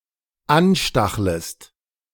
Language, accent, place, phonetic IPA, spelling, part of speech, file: German, Germany, Berlin, [ˈanˌʃtaxləst], anstachlest, verb, De-anstachlest.ogg
- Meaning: second-person singular dependent subjunctive I of anstacheln